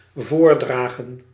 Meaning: 1. to propose 2. to present, to recite
- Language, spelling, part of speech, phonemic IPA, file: Dutch, voordragen, verb, /ˈvoːrˌdraː.ɣə(n)/, Nl-voordragen.ogg